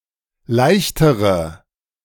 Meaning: inflection of leicht: 1. strong/mixed nominative/accusative feminine singular comparative degree 2. strong nominative/accusative plural comparative degree
- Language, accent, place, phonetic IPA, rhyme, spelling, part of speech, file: German, Germany, Berlin, [ˈlaɪ̯çtəʁə], -aɪ̯çtəʁə, leichtere, adjective / verb, De-leichtere.ogg